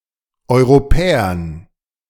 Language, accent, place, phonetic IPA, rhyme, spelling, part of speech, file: German, Germany, Berlin, [ˌɔɪ̯ʁoˈpɛːɐn], -ɛːɐn, Europäern, noun, De-Europäern.ogg
- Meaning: dative plural of Europäer